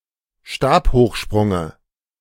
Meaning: dative of Stabhochsprung
- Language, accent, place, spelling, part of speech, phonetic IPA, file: German, Germany, Berlin, Stabhochsprunge, noun, [ˈʃtaːphoːxˌʃpʁʊŋə], De-Stabhochsprunge.ogg